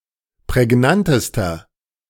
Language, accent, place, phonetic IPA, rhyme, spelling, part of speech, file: German, Germany, Berlin, [pʁɛˈɡnantəstɐ], -antəstɐ, prägnantester, adjective, De-prägnantester.ogg
- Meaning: inflection of prägnant: 1. strong/mixed nominative masculine singular superlative degree 2. strong genitive/dative feminine singular superlative degree 3. strong genitive plural superlative degree